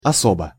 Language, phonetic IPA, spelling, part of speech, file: Russian, [ɐˈsobə], особа, noun, Ru-особа.ogg
- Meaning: person, personage, individual